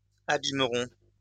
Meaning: first-person plural simple future of abîmer
- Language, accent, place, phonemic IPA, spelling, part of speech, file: French, France, Lyon, /a.bim.ʁɔ̃/, abîmerons, verb, LL-Q150 (fra)-abîmerons.wav